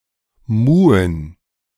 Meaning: to moo (sound of a cow)
- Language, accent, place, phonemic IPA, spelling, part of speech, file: German, Germany, Berlin, /ˈmuːən/, muhen, verb, De-muhen.ogg